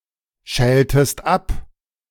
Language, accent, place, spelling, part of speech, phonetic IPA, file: German, Germany, Berlin, schältest ab, verb, [ˌʃɛːltəst ˈap], De-schältest ab.ogg
- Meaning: inflection of abschälen: 1. second-person singular preterite 2. second-person singular subjunctive II